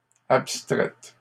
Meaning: feminine plural of abstrait
- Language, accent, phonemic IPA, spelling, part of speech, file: French, Canada, /ap.stʁɛt/, abstraites, adjective, LL-Q150 (fra)-abstraites.wav